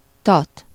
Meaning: stern (the rear part or after end of a ship or vessel)
- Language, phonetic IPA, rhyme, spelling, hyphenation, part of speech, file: Hungarian, [ˈtɒt], -ɒt, tat, tat, noun, Hu-tat.ogg